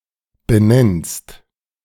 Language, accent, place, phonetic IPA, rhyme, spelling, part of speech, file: German, Germany, Berlin, [bəˈnɛnst], -ɛnst, benennst, verb, De-benennst.ogg
- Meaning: second-person singular present of benennen